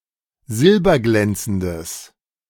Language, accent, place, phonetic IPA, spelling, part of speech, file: German, Germany, Berlin, [ˈzɪlbɐˌɡlɛnt͡sn̩dəs], silberglänzendes, adjective, De-silberglänzendes.ogg
- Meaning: strong/mixed nominative/accusative neuter singular of silberglänzend